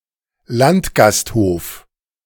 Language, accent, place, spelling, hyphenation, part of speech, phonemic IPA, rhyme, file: German, Germany, Berlin, Landgasthof, Land‧gast‧hof, noun, /ˈlantɡasthoːf/, -oːf, De-Landgasthof.ogg
- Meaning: country inn